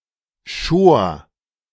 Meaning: first/third-person singular preterite of scheren
- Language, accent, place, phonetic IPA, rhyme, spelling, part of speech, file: German, Germany, Berlin, [ʃoːɐ̯], -oːɐ̯, schor, verb, De-schor.ogg